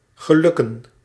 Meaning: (verb) synonym of lukken; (noun) plural of geluk
- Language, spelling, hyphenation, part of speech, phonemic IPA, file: Dutch, gelukken, ge‧luk‧ken, verb / noun, /ɣəˈlʏ.kə(n)/, Nl-gelukken.ogg